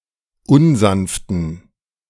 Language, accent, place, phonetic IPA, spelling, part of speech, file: German, Germany, Berlin, [ˈʊnˌzanftn̩], unsanften, adjective, De-unsanften.ogg
- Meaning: inflection of unsanft: 1. strong genitive masculine/neuter singular 2. weak/mixed genitive/dative all-gender singular 3. strong/weak/mixed accusative masculine singular 4. strong dative plural